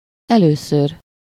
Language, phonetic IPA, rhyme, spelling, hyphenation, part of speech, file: Hungarian, [ˈɛløːsør], -ør, először, elő‧ször, adverb, Hu-először.ogg
- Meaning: 1. firstly 2. for the first time